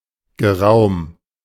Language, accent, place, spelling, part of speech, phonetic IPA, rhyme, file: German, Germany, Berlin, geraum, adjective, [ɡəˈʁaʊ̯m], -aʊ̯m, De-geraum.ogg
- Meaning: 1. containing much space, considerable (large in amount) 2. lasting some time